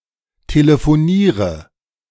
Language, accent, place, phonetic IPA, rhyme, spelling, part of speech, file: German, Germany, Berlin, [teləfoˈniːʁə], -iːʁə, telefoniere, verb, De-telefoniere.ogg
- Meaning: inflection of telefonieren: 1. first-person singular present 2. singular imperative 3. first/third-person singular subjunctive I